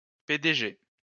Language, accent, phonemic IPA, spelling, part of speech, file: French, France, /pe.de.ʒe/, PDG, noun, LL-Q150 (fra)-PDG.wav
- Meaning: CEO (US, Canada) (chief executive officier) or MD (UK) (managing director) or president